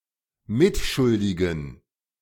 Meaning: inflection of mitschuldig: 1. strong genitive masculine/neuter singular 2. weak/mixed genitive/dative all-gender singular 3. strong/weak/mixed accusative masculine singular 4. strong dative plural
- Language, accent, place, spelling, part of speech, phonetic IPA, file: German, Germany, Berlin, mitschuldigen, adjective, [ˈmɪtˌʃʊldɪɡn̩], De-mitschuldigen.ogg